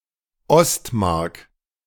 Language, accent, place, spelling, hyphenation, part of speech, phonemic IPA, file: German, Germany, Berlin, Ostmark, Ost‧mark, noun / proper noun, /ˈɔstˌmark/, De-Ostmark.ogg
- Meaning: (noun) 1. The East German mark 2. the eastern marches, the easternmost territories of a state or empire, especially in a German or Germanic context